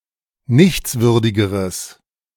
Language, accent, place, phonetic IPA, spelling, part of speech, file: German, Germany, Berlin, [ˈnɪçt͡sˌvʏʁdɪɡəʁəs], nichtswürdigeres, adjective, De-nichtswürdigeres.ogg
- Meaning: strong/mixed nominative/accusative neuter singular comparative degree of nichtswürdig